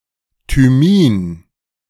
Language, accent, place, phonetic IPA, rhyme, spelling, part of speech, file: German, Germany, Berlin, [tyˈmiːn], -iːn, Thymin, noun, De-Thymin.ogg
- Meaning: thymine